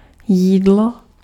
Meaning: 1. meal 2. eating 3. food
- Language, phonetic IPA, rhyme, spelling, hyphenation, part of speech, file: Czech, [ˈjiːdlo], -iːdlo, jídlo, jí‧d‧lo, noun, Cs-jídlo.ogg